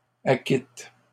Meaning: inflection of acquitter: 1. first/third-person singular present indicative/subjunctive 2. second-person singular imperative
- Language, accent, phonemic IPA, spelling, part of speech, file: French, Canada, /a.kit/, acquitte, verb, LL-Q150 (fra)-acquitte.wav